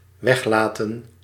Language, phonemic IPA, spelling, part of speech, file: Dutch, /ˈwɛxlatə(n)/, weglaten, verb, Nl-weglaten.ogg
- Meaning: to omit